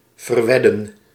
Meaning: to wager
- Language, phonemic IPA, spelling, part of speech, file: Dutch, /vərˈʋɛdə(n)/, verwedden, verb, Nl-verwedden.ogg